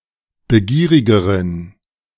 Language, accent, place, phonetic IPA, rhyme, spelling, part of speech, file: German, Germany, Berlin, [bəˈɡiːʁɪɡəʁən], -iːʁɪɡəʁən, begierigeren, adjective, De-begierigeren.ogg
- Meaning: inflection of begierig: 1. strong genitive masculine/neuter singular comparative degree 2. weak/mixed genitive/dative all-gender singular comparative degree